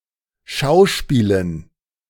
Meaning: dative plural of Schauspiel
- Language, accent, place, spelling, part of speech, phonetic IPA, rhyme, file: German, Germany, Berlin, Schauspielen, noun, [ˈʃaʊ̯ˌʃpiːlən], -aʊ̯ʃpiːlən, De-Schauspielen.ogg